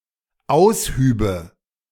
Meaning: first/third-person singular dependent subjunctive II of ausheben
- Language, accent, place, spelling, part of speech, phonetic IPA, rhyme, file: German, Germany, Berlin, aushübe, verb, [ˈaʊ̯sˌhyːbə], -aʊ̯shyːbə, De-aushübe.ogg